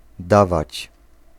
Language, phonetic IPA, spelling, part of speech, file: Polish, [ˈdavat͡ɕ], dawać, verb, Pl-dawać.ogg